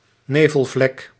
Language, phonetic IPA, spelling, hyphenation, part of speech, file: Dutch, [ˈneːvəɫˌvlɛk], nevelvlek, ne‧vel‧vlek, noun, Nl-nevelvlek.ogg
- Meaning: nebula